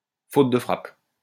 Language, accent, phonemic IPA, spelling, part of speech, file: French, France, /fot də fʁap/, faute de frappe, noun, LL-Q150 (fra)-faute de frappe.wav
- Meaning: typing error, typo (typographical error)